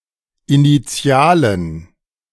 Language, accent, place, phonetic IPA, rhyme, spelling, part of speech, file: German, Germany, Berlin, [iniˈt͡si̯aːlən], -aːlən, Initialen, noun, De-Initialen.ogg
- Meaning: plural of Initiale